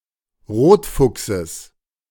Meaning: genitive singular of Rotfuchs
- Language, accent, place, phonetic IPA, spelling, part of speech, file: German, Germany, Berlin, [ˈʁoːtˌfʊksəs], Rotfuchses, noun, De-Rotfuchses.ogg